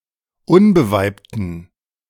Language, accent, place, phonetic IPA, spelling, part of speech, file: German, Germany, Berlin, [ˈʊnbəˌvaɪ̯ptn̩], unbeweibten, adjective, De-unbeweibten.ogg
- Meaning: inflection of unbeweibt: 1. strong genitive masculine/neuter singular 2. weak/mixed genitive/dative all-gender singular 3. strong/weak/mixed accusative masculine singular 4. strong dative plural